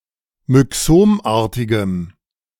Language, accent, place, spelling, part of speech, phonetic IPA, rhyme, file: German, Germany, Berlin, myxomartigem, adjective, [mʏˈksoːmˌʔaːɐ̯tɪɡəm], -oːmʔaːɐ̯tɪɡəm, De-myxomartigem.ogg
- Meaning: strong dative masculine/neuter singular of myxomartig